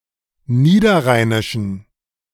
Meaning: inflection of niederrheinisch: 1. strong genitive masculine/neuter singular 2. weak/mixed genitive/dative all-gender singular 3. strong/weak/mixed accusative masculine singular 4. strong dative plural
- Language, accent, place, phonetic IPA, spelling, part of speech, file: German, Germany, Berlin, [ˈniːdɐˌʁaɪ̯nɪʃn̩], niederrheinischen, adjective, De-niederrheinischen.ogg